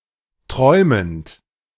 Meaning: present participle of träumen
- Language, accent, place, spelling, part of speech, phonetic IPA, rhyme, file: German, Germany, Berlin, träumend, verb, [ˈtʁɔɪ̯mənt], -ɔɪ̯mənt, De-träumend.ogg